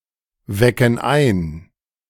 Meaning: inflection of einwecken: 1. first/third-person plural present 2. first/third-person plural subjunctive I
- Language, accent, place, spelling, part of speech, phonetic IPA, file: German, Germany, Berlin, wecken ein, verb, [ˌvɛkn̩ ˈaɪ̯n], De-wecken ein.ogg